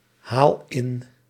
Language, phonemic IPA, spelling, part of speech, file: Dutch, /ˈhal ˈɪn/, haal in, verb, Nl-haal in.ogg
- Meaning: inflection of inhalen: 1. first-person singular present indicative 2. second-person singular present indicative 3. imperative